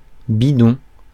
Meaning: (noun) 1. can, tin, canister: milk carton 2. can, tin, canister: water bottle 3. tummy; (adjective) 1. rigged 2. phoney, sham 3. crap
- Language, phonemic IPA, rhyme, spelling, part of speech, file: French, /bi.dɔ̃/, -ɔ̃, bidon, noun / adjective, Fr-bidon.ogg